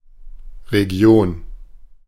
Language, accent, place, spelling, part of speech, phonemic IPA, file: German, Germany, Berlin, Region, noun, /ʁeˈɡi̯oːn/, De-Region.ogg
- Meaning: region